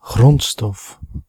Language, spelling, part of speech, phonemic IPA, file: Dutch, grondstof, noun, /ˈɣrɔntstɔf/, Nl-grondstof.ogg
- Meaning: raw material, natural resource